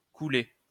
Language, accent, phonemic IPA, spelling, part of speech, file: French, France, /ku.le/, coulé, verb, LL-Q150 (fra)-coulé.wav
- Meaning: past participle of couler